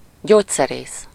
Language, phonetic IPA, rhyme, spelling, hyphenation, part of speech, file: Hungarian, [ˈɟoːcsɛreːs], -eːs, gyógyszerész, gyógy‧sze‧rész, noun, Hu-gyógyszerész.ogg
- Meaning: pharmacist